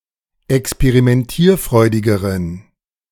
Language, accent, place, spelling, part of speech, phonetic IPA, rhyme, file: German, Germany, Berlin, experimentierfreudigeren, adjective, [ɛkspeʁimɛnˈtiːɐ̯ˌfʁɔɪ̯dɪɡəʁən], -iːɐ̯fʁɔɪ̯dɪɡəʁən, De-experimentierfreudigeren.ogg
- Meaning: inflection of experimentierfreudig: 1. strong genitive masculine/neuter singular comparative degree 2. weak/mixed genitive/dative all-gender singular comparative degree